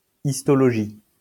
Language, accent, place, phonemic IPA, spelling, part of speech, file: French, France, Lyon, /is.tɔ.lɔ.ʒi/, histologie, noun, LL-Q150 (fra)-histologie.wav
- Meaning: histology (the study of the microscopic structure)